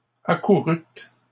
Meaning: second-person plural past historic of accourir
- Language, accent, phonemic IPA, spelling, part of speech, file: French, Canada, /a.ku.ʁyt/, accourûtes, verb, LL-Q150 (fra)-accourûtes.wav